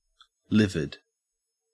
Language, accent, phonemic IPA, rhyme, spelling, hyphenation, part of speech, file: English, Australia, /ˈlɪvɪd/, -ɪvɪd, livid, li‧vid, adjective, En-au-livid.ogg
- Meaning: 1. Having a dark, bluish appearance 2. Pale, pallid 3. So angry that one turns pale; very angry; furious; liverish